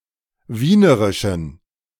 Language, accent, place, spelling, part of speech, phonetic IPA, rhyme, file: German, Germany, Berlin, wienerischen, adjective, [ˈviːnəʁɪʃn̩], -iːnəʁɪʃn̩, De-wienerischen.ogg
- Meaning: inflection of wienerisch: 1. strong genitive masculine/neuter singular 2. weak/mixed genitive/dative all-gender singular 3. strong/weak/mixed accusative masculine singular 4. strong dative plural